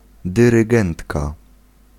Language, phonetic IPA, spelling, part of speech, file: Polish, [ˌdɨrɨˈɡɛ̃ntka], dyrygentka, noun, Pl-dyrygentka.ogg